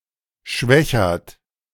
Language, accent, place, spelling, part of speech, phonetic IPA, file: German, Germany, Berlin, Schwechat, proper noun, [ˈʃvɛçat], De-Schwechat.ogg
- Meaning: 1. a municipality of Lower Austria, Austria 2. a river in Lower Austria, Austria